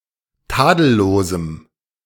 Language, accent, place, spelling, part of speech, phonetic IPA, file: German, Germany, Berlin, tadellosem, adjective, [ˈtaːdl̩loːzm̩], De-tadellosem.ogg
- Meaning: strong dative masculine/neuter singular of tadellos